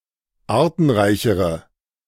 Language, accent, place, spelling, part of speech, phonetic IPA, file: German, Germany, Berlin, artenreichere, adjective, [ˈaːɐ̯tn̩ˌʁaɪ̯çəʁə], De-artenreichere.ogg
- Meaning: inflection of artenreich: 1. strong/mixed nominative/accusative feminine singular comparative degree 2. strong nominative/accusative plural comparative degree